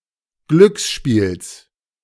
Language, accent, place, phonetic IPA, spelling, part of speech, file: German, Germany, Berlin, [ˈɡlʏksˌʃpiːls], Glücksspiels, noun, De-Glücksspiels.ogg
- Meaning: genitive singular of Glücksspiel